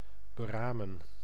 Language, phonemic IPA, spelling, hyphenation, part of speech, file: Dutch, /bəˈraːmə(n)/, beramen, be‧ra‧men, verb, Nl-beramen.ogg
- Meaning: 1. to devise, to plot 2. to calculate, to estimate, to plan expenditure